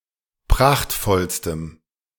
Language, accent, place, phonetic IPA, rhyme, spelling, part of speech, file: German, Germany, Berlin, [ˈpʁaxtfɔlstəm], -axtfɔlstəm, prachtvollstem, adjective, De-prachtvollstem.ogg
- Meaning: strong dative masculine/neuter singular superlative degree of prachtvoll